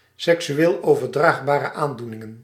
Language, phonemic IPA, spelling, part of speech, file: Dutch, /ˌsɛksyˈwel ovərˈdraɣbarə ˈandunɪŋə(n)/, seksueel overdraagbare aandoeningen, noun, Nl-seksueel overdraagbare aandoeningen.ogg
- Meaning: plural of seksueel overdraagbare aandoening